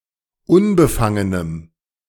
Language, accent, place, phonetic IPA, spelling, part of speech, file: German, Germany, Berlin, [ˈʊnbəˌfaŋənəm], unbefangenem, adjective, De-unbefangenem.ogg
- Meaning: strong dative masculine/neuter singular of unbefangen